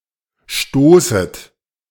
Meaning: second-person plural subjunctive I of stoßen
- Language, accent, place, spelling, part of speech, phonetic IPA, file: German, Germany, Berlin, stoßet, verb, [ˈʃtoːsət], De-stoßet.ogg